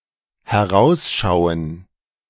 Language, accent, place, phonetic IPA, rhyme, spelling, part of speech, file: German, Germany, Berlin, [hɛˈʁaʊ̯sˌʃaʊ̯ən], -aʊ̯sʃaʊ̯ən, herausschauen, verb, De-herausschauen.ogg
- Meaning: 1. to look out, to be looking out (e.g. of a window) 2. to peek out 3. to be worthwhile